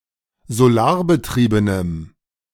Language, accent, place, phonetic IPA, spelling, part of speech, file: German, Germany, Berlin, [zoˈlaːɐ̯bəˌtʁiːbənəm], solarbetriebenem, adjective, De-solarbetriebenem.ogg
- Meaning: strong dative masculine/neuter singular of solarbetrieben